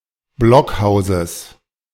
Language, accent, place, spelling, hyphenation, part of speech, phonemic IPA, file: German, Germany, Berlin, Blockhauses, Block‧hau‧ses, noun, /ˈblɔkˌhaʊ̯zəs/, De-Blockhauses.ogg
- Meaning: genitive singular of Blockhaus